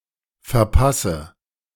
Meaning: inflection of verpassen: 1. first-person singular present 2. first/third-person singular subjunctive I 3. singular imperative
- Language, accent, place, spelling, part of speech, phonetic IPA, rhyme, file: German, Germany, Berlin, verpasse, verb, [fɛɐ̯ˈpasə], -asə, De-verpasse.ogg